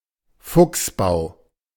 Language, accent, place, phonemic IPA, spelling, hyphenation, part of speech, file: German, Germany, Berlin, /ˈfʊksˌbaʊ̯/, Fuchsbau, Fuchs‧bau, noun, De-Fuchsbau.ogg
- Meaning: foxhole (den of a fox)